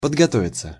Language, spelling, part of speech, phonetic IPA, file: Russian, подготовиться, verb, [pədɡɐˈtovʲɪt͡sə], Ru-подготовиться.ogg
- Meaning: 1. to study, to prepare for 2. passive of подгото́вить (podgotóvitʹ)